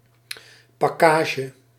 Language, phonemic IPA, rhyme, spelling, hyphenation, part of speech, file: Dutch, /ˌpɑˈkaː.ʒə/, -aːʒə, pakkage, pak‧ka‧ge, noun, Nl-pakkage.ogg
- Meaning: luggage, baggage